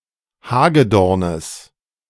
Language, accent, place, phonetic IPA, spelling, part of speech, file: German, Germany, Berlin, [ˈhaːɡəˌdɔʁnəs], Hagedornes, noun, De-Hagedornes.ogg
- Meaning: genitive of Hagedorn